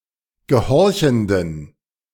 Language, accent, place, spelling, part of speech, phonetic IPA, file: German, Germany, Berlin, gehorchenden, adjective, [ɡəˈhɔʁçn̩dən], De-gehorchenden.ogg
- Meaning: inflection of gehorchend: 1. strong genitive masculine/neuter singular 2. weak/mixed genitive/dative all-gender singular 3. strong/weak/mixed accusative masculine singular 4. strong dative plural